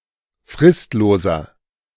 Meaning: inflection of fristlos: 1. strong/mixed nominative masculine singular 2. strong genitive/dative feminine singular 3. strong genitive plural
- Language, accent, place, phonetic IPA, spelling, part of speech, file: German, Germany, Berlin, [ˈfʁɪstloːzɐ], fristloser, adjective, De-fristloser.ogg